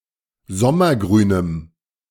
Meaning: strong dative masculine/neuter singular of sommergrün
- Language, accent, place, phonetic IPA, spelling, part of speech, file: German, Germany, Berlin, [ˈzɔmɐˌɡʁyːnəm], sommergrünem, adjective, De-sommergrünem.ogg